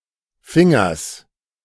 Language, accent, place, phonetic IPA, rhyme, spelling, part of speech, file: German, Germany, Berlin, [ˈfɪŋɐs], -ɪŋɐs, Fingers, noun, De-Fingers.ogg
- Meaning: genitive singular of Finger